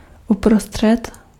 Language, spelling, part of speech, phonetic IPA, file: Czech, uprostřed, adverb / preposition, [ˈuprostr̝̊ɛt], Cs-uprostřed.ogg
- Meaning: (adverb) in the middle; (preposition) in the middle of